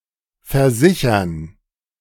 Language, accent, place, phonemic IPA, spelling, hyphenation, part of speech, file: German, Germany, Berlin, /ferˈzɪçərn/, versichern, ver‧si‧chern, verb, De-versichern2.ogg
- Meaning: 1. to insure (to provide for compensation if some specified risk occurs) 2. to reassure, assure: [with dative ‘someone’ and accusative ‘about something’]